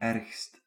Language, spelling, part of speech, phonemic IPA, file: Dutch, ergst, adjective, /ˈɛrᵊxst/, Nl-ergst.ogg
- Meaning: superlative degree of erg